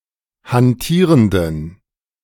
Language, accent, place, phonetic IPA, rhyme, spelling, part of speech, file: German, Germany, Berlin, [hanˈtiːʁəndn̩], -iːʁəndn̩, hantierenden, adjective, De-hantierenden.ogg
- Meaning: inflection of hantierend: 1. strong genitive masculine/neuter singular 2. weak/mixed genitive/dative all-gender singular 3. strong/weak/mixed accusative masculine singular 4. strong dative plural